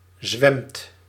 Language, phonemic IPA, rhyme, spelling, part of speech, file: Dutch, /zʋɛmt/, -ɛmt, zwemt, verb, Nl-zwemt.ogg
- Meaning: inflection of zwemmen: 1. second/third-person singular present indicative 2. plural imperative